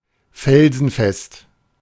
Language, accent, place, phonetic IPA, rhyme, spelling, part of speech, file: German, Germany, Berlin, [fɛlzn̩ˈfɛst], -ɛst, felsenfest, adjective, De-felsenfest.ogg
- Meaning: adamant; rock solid